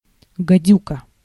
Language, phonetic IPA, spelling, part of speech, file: Russian, [ɡɐˈdʲukə], гадюка, noun, Ru-гадюка.ogg
- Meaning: 1. viper, adder 2. evil, insidious or treacherous person